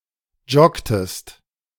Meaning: inflection of joggen: 1. second-person singular preterite 2. second-person singular subjunctive II
- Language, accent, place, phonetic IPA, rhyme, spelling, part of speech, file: German, Germany, Berlin, [ˈd͡ʒɔktəst], -ɔktəst, joggtest, verb, De-joggtest.ogg